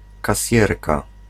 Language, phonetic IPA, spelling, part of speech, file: Polish, [kaˈsʲjɛrka], kasjerka, noun, Pl-kasjerka.ogg